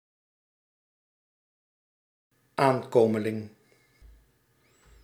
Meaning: 1. adolescent 2. newcomer, fledgling
- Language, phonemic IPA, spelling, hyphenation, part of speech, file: Dutch, /ˈaːnˌkoː.mə.lɪŋ/, aankomeling, aan‧ko‧me‧ling, noun, Nl-aankomeling.ogg